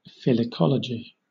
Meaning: The botanical study of ferns
- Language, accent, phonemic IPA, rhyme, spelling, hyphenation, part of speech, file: English, Southern England, /fɪlɪˈkɒləd͡ʒi/, -ɒlədʒi, filicology, fil‧ic‧o‧lo‧gy, noun, LL-Q1860 (eng)-filicology.wav